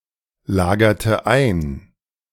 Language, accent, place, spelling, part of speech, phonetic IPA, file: German, Germany, Berlin, lagerte ein, verb, [ˌlaːɡɐtə ˈaɪ̯n], De-lagerte ein.ogg
- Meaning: inflection of einlagern: 1. first/third-person singular preterite 2. first/third-person singular subjunctive II